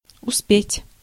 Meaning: 1. to have time, to find time 2. to manage (to do something), to succeed 3. to make it, to arrive in time (for), to be in time (for) 4. to catch (a train, bus)
- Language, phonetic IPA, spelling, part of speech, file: Russian, [ʊˈspʲetʲ], успеть, verb, Ru-успеть.ogg